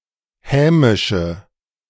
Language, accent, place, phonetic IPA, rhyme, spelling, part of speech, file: German, Germany, Berlin, [ˈhɛːmɪʃə], -ɛːmɪʃə, hämische, adjective, De-hämische.ogg
- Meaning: inflection of hämisch: 1. strong/mixed nominative/accusative feminine singular 2. strong nominative/accusative plural 3. weak nominative all-gender singular 4. weak accusative feminine/neuter singular